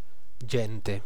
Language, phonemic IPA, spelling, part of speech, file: Italian, /ˈdʒɛn.te/, gente, noun, It-gente.ogg